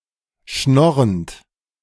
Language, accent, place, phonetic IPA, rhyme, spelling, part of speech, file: German, Germany, Berlin, [ˈʃnɔʁənt], -ɔʁənt, schnorrend, verb, De-schnorrend.ogg
- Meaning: present participle of schnorren